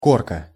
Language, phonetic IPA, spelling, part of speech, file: Russian, [ˈkorkə], корка, noun, Ru-корка.ogg
- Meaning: 1. crust, scab 2. rind, peel